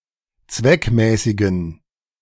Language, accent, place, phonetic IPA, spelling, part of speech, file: German, Germany, Berlin, [ˈt͡svɛkˌmɛːsɪɡn̩], zweckmäßigen, adjective, De-zweckmäßigen.ogg
- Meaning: inflection of zweckmäßig: 1. strong genitive masculine/neuter singular 2. weak/mixed genitive/dative all-gender singular 3. strong/weak/mixed accusative masculine singular 4. strong dative plural